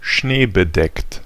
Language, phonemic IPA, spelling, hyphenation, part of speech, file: German, /ʃneːbəˈdɛkt/, schneebedeckt, schnee‧be‧deckt, adjective, De-schneebedeckt.ogg
- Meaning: 1. snow-covered 2. snow-capped